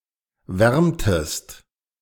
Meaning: inflection of wärmen: 1. second-person singular preterite 2. second-person singular subjunctive II
- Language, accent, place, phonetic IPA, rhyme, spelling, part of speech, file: German, Germany, Berlin, [ˈvɛʁmtəst], -ɛʁmtəst, wärmtest, verb, De-wärmtest.ogg